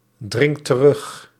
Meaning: inflection of terugdringen: 1. second/third-person singular present indicative 2. plural imperative
- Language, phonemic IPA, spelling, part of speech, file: Dutch, /ˈdrɪŋt t(ə)ˈrʏx/, dringt terug, verb, Nl-dringt terug.ogg